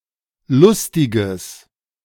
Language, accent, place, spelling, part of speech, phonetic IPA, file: German, Germany, Berlin, lustiges, adjective, [ˈlʊstɪɡəs], De-lustiges.ogg
- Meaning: strong/mixed nominative/accusative neuter singular of lustig